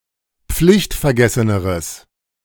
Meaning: strong/mixed nominative/accusative neuter singular comparative degree of pflichtvergessen
- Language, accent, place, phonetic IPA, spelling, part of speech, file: German, Germany, Berlin, [ˈp͡flɪçtfɛɐ̯ˌɡɛsənəʁəs], pflichtvergesseneres, adjective, De-pflichtvergesseneres.ogg